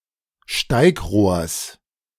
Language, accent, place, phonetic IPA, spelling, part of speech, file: German, Germany, Berlin, [ˈʃtaɪ̯kˌʁoːɐ̯s], Steigrohrs, noun, De-Steigrohrs.ogg
- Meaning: genitive singular of Steigrohr